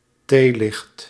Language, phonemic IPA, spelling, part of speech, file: Dutch, /ˈtelɪxt/, theelicht, noun, Nl-theelicht.ogg
- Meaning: tealight